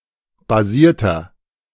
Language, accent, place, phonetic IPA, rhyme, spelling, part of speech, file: German, Germany, Berlin, [baˈziːɐ̯tɐ], -iːɐ̯tɐ, basierter, adjective, De-basierter.ogg
- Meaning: inflection of basiert: 1. strong/mixed nominative masculine singular 2. strong genitive/dative feminine singular 3. strong genitive plural